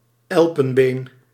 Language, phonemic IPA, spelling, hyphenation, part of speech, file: Dutch, /ˈɛl.pə(n)ˌbeːn/, elpenbeen, el‧pen‧been, noun, Nl-elpenbeen.ogg
- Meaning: ivory